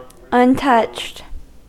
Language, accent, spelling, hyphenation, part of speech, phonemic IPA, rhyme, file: English, US, untouched, un‧touched, adjective / verb, /ʌnˈtʌt͡ʃt/, -ʌtʃt, En-us-untouched.ogg
- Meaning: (adjective) 1. Remaining in its original, pristine state, undamaged; not altered 2. Not eaten 3. Not influenced, affected or swayed 4. Not having come in contact 5. Not read or examined